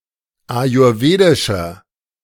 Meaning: inflection of ayurwedisch: 1. strong/mixed nominative masculine singular 2. strong genitive/dative feminine singular 3. strong genitive plural
- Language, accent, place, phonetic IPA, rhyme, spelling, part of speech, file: German, Germany, Berlin, [ajʊʁˈveːdɪʃɐ], -eːdɪʃɐ, ayurwedischer, adjective, De-ayurwedischer.ogg